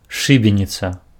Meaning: gallows (wooden framework on which persons are put to death by hanging)
- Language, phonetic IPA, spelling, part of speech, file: Belarusian, [ˈʂɨbʲenʲit͡sa], шыбеніца, noun, Be-шыбеніца.ogg